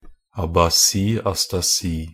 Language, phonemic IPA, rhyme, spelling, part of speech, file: Norwegian Bokmål, /abaˈsiː.astaˈsiː/, -iː, abasi-astasi, noun, Nb-abasi-astasi.ogg
- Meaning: astasia-abasia (the inability either to stand or walk due to loss of motor control)